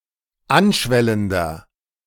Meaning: inflection of anschwellend: 1. strong/mixed nominative masculine singular 2. strong genitive/dative feminine singular 3. strong genitive plural
- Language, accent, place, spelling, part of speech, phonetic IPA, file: German, Germany, Berlin, anschwellender, adjective, [ˈanˌʃvɛləndɐ], De-anschwellender.ogg